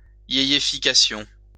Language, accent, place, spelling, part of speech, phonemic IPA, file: French, France, Lyon, yéyéfication, noun, /je.je.fi.ka.sjɔ̃/, LL-Q150 (fra)-yéyéfication.wav
- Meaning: the rendering (of a song) in the style of the 1960s